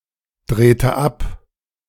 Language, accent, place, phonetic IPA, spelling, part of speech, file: German, Germany, Berlin, [ˌdʁeːtə ˈap], drehte ab, verb, De-drehte ab.ogg
- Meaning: inflection of abdrehen: 1. first/third-person singular preterite 2. first/third-person singular subjunctive II